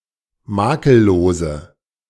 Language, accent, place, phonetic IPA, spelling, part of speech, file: German, Germany, Berlin, [ˈmaːkəlˌloːzə], makellose, adjective, De-makellose.ogg
- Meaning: inflection of makellos: 1. strong/mixed nominative/accusative feminine singular 2. strong nominative/accusative plural 3. weak nominative all-gender singular